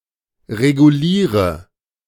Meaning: inflection of regulieren: 1. first-person singular present 2. singular imperative 3. first/third-person singular subjunctive I
- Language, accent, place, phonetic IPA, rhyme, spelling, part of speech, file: German, Germany, Berlin, [ʁeɡuˈliːʁə], -iːʁə, reguliere, verb, De-reguliere.ogg